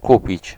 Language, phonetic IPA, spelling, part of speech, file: Polish, [ˈkupʲit͡ɕ], kupić, verb, Pl-kupić.ogg